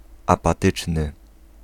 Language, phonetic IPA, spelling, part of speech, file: Polish, [ˌapaˈtɨt͡ʃnɨ], apatyczny, adjective, Pl-apatyczny.ogg